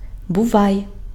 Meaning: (verb) second-person singular imperative of бува́ти (buváty); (interjection) see you, see you later
- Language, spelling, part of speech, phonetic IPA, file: Ukrainian, бувай, verb / interjection, [bʊˈʋai̯], Uk-бувай.ogg